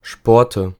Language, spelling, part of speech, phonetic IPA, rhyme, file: German, Sporte, noun, [ˈʃpɔʁtə], -ɔʁtə, De-Sporte.ogg
- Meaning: nominative/accusative/genitive plural of Sport